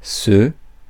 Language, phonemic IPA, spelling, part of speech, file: French, /sø/, ceux, pronoun, Fr-ceux.ogg
- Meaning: masculine plural of celui: those